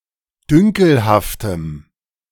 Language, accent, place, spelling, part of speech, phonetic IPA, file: German, Germany, Berlin, dünkelhaftem, adjective, [ˈdʏŋkl̩haftəm], De-dünkelhaftem.ogg
- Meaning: strong dative masculine/neuter singular of dünkelhaft